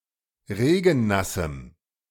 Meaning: strong dative masculine/neuter singular of regennass
- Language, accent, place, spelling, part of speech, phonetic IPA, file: German, Germany, Berlin, regennassem, adjective, [ˈʁeːɡn̩ˌnasm̩], De-regennassem.ogg